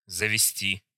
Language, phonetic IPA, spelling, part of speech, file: Russian, [zəvʲɪˈsʲtʲi], завести, verb, Ru-завести.ogg
- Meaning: 1. to take, to bring, to lead 2. to get, to procure, to acquire, to buy 3. to establish, to set up, to found 4. to start 5. to form, to contract